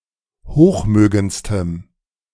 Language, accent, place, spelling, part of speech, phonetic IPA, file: German, Germany, Berlin, hochmögendstem, adjective, [ˈhoːxˌmøːɡənt͡stəm], De-hochmögendstem.ogg
- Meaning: strong dative masculine/neuter singular superlative degree of hochmögend